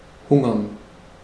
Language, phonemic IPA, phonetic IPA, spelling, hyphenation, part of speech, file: German, /ˈhʊŋəʁn/, [ˈhʊŋɐn], hungern, hun‧gern, verb, De-hungern.ogg
- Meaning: to hunger, to starve